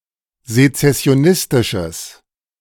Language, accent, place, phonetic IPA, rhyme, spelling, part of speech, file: German, Germany, Berlin, [zet͡sɛsi̯oˈnɪstɪʃəs], -ɪstɪʃəs, sezessionistisches, adjective, De-sezessionistisches.ogg
- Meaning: strong/mixed nominative/accusative neuter singular of sezessionistisch